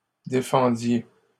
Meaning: inflection of défendre: 1. second-person plural imperfect indicative 2. second-person plural present subjunctive
- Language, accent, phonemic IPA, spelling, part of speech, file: French, Canada, /de.fɑ̃.dje/, défendiez, verb, LL-Q150 (fra)-défendiez.wav